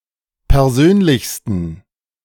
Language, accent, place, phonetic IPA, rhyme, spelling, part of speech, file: German, Germany, Berlin, [pɛʁˈzøːnlɪçstn̩], -øːnlɪçstn̩, persönlichsten, adjective, De-persönlichsten.ogg
- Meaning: 1. superlative degree of persönlich 2. inflection of persönlich: strong genitive masculine/neuter singular superlative degree